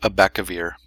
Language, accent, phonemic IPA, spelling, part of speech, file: English, General American, /əˈbæk.əˌvɪɹ/, abacavir, noun, En-abacavir.ogg